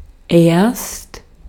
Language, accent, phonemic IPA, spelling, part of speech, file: German, Austria, /eːrst/, erst, adverb, De-at-erst.ogg
- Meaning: 1. first, at first 2. only (with progress, accomplishments or the present time) 3. not until, not for, not before (with reference to a point or period of time in the future)